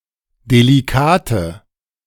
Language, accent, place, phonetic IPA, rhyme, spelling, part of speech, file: German, Germany, Berlin, [deliˈkaːtə], -aːtə, delikate, adjective, De-delikate.ogg
- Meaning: inflection of delikat: 1. strong/mixed nominative/accusative feminine singular 2. strong nominative/accusative plural 3. weak nominative all-gender singular 4. weak accusative feminine/neuter singular